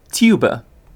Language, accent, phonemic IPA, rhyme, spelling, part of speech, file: English, UK, /ˈtjuː.bə/, -uːbə, tuba, noun, En-uk-tuba.ogg
- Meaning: 1. A large brass musical instrument, usually in the bass range, played through a vibration of the lips upon the mouthpiece and fingering of the keys 2. A large reed stop in organs